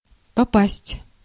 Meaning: 1. to hit (a target) 2. to get (to), to come (upon), to fall (into), to find oneself (in), to hit (upon)
- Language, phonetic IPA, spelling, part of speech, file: Russian, [pɐˈpasʲtʲ], попасть, verb, Ru-попасть.ogg